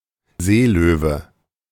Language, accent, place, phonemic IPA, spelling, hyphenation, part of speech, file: German, Germany, Berlin, /ˈzeːˌløː.və/, Seelöwe, See‧lö‧we, noun, De-Seelöwe.ogg
- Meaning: sea lion